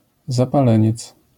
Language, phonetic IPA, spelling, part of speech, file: Polish, [ˌzapaˈlɛ̃ɲɛt͡s], zapaleniec, noun, LL-Q809 (pol)-zapaleniec.wav